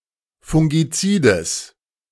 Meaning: genitive singular of Fungizid
- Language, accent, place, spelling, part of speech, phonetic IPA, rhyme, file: German, Germany, Berlin, Fungizides, noun, [fʊŋɡiˈt͡siːdəs], -iːdəs, De-Fungizides.ogg